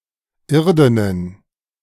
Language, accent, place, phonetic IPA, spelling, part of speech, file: German, Germany, Berlin, [ˈɪʁdənən], irdenen, adjective, De-irdenen.ogg
- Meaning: inflection of irden: 1. strong genitive masculine/neuter singular 2. weak/mixed genitive/dative all-gender singular 3. strong/weak/mixed accusative masculine singular 4. strong dative plural